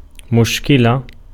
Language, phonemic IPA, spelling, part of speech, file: Arabic, /muʃ.ki.la/, مشكلة, noun, Ar-مشكلة.ogg
- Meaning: problem, difficulty